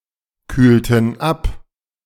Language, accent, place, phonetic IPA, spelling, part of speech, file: German, Germany, Berlin, [ˌkyːltn̩ ˈap], kühlten ab, verb, De-kühlten ab.ogg
- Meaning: inflection of abkühlen: 1. first/third-person plural preterite 2. first/third-person plural subjunctive II